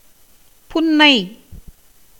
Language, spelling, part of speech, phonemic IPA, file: Tamil, புன்னை, noun, /pʊnːɐɪ̯/, Ta-புன்னை.ogg
- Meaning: mastwood (Calophyllum inophyllum)